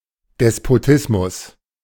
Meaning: despotism
- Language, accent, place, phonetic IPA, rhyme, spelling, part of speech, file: German, Germany, Berlin, [dɛspoˈtɪsmʊs], -ɪsmʊs, Despotismus, noun, De-Despotismus.ogg